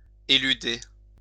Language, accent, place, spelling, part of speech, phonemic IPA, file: French, France, Lyon, éluder, verb, /e.ly.de/, LL-Q150 (fra)-éluder.wav
- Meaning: to elude (avoid, with cunning)